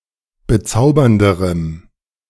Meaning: strong dative masculine/neuter singular comparative degree of bezaubernd
- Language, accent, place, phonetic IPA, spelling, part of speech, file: German, Germany, Berlin, [bəˈt͡saʊ̯bɐndəʁəm], bezaubernderem, adjective, De-bezaubernderem.ogg